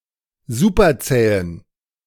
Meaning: inflection of superzäh: 1. strong genitive masculine/neuter singular 2. weak/mixed genitive/dative all-gender singular 3. strong/weak/mixed accusative masculine singular 4. strong dative plural
- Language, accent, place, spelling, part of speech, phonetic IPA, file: German, Germany, Berlin, superzähen, adjective, [ˈzupɐˌt͡sɛːən], De-superzähen.ogg